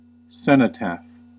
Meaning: A monument, generally in the form of an empty tomb, erected to honour the dead whose bodies lie elsewhere, especially members of the armed forces who died in battle
- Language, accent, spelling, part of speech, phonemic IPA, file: English, US, cenotaph, noun, /ˈsɛn.əˌtæf/, En-us-cenotaph.ogg